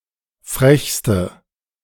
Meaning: inflection of frech: 1. strong/mixed nominative/accusative feminine singular superlative degree 2. strong nominative/accusative plural superlative degree
- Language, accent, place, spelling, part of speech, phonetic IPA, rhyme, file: German, Germany, Berlin, frechste, adjective, [ˈfʁɛçstə], -ɛçstə, De-frechste.ogg